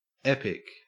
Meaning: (noun) An extended narrative poem in elevated or dignified language, celebrating the feats of a deity, demigod (heroic epic), other legend or traditional hero
- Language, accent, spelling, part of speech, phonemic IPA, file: English, Australia, epic, noun / adjective, /ˈep.ɪk/, En-au-epic.ogg